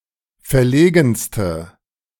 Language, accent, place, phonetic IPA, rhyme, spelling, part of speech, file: German, Germany, Berlin, [fɛɐ̯ˈleːɡn̩stə], -eːɡn̩stə, verlegenste, adjective, De-verlegenste.ogg
- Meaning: inflection of verlegen: 1. strong/mixed nominative/accusative feminine singular superlative degree 2. strong nominative/accusative plural superlative degree